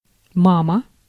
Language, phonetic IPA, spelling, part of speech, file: Russian, [ˈmamə], мама, noun, Ru-мама.ogg
- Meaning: 1. mama, mummy, mommy, mum, mom (mother) 2. motherboard 3. female socket